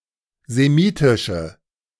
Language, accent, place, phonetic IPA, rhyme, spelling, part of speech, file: German, Germany, Berlin, [zeˈmiːtɪʃə], -iːtɪʃə, semitische, adjective, De-semitische.ogg
- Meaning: inflection of semitisch: 1. strong/mixed nominative/accusative feminine singular 2. strong nominative/accusative plural 3. weak nominative all-gender singular